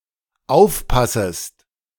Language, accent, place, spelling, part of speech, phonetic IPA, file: German, Germany, Berlin, aufpassest, verb, [ˈaʊ̯fˌpasəst], De-aufpassest.ogg
- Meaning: second-person singular dependent subjunctive I of aufpassen